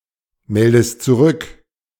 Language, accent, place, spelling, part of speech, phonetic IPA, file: German, Germany, Berlin, meldest zurück, verb, [ˌmɛldəst t͡suˈʁʏk], De-meldest zurück.ogg
- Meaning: inflection of zurückmelden: 1. second-person singular present 2. second-person singular subjunctive I